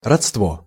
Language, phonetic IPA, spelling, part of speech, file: Russian, [rɐt͡stˈvo], родство, noun, Ru-родство.ogg
- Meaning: 1. relationship, kinship, affinity (family relationship through marriage of a relative) 2. kin 3. consanguinity, cognation 4. connection, connexion 5. alliance 6. blood 7. propinquity 8. cousinage